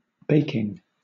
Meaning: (verb) present participle and gerund of bake; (adjective) 1. That bakes 2. Of a person, an object, or the weather: very hot; boiling, broiling, roasting; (noun) An action in which something is baked
- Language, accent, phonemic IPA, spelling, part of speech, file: English, Southern England, /ˈbeɪkɪŋ(ɡ)/, baking, verb / adjective / noun, LL-Q1860 (eng)-baking.wav